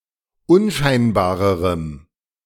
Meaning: strong dative masculine/neuter singular comparative degree of unscheinbar
- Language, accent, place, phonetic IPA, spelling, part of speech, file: German, Germany, Berlin, [ˈʊnˌʃaɪ̯nbaːʁəʁəm], unscheinbarerem, adjective, De-unscheinbarerem.ogg